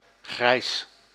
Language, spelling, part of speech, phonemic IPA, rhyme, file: Dutch, grijs, adjective / noun, /ɣrɛi̯s/, -ɛi̯s, Nl-grijs.ogg
- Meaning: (adjective) 1. grey, grey-colored 2. old 3. weathered, tarnished, affected by wear and tear 4. partially illegal; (noun) the color grey, any mix of black and white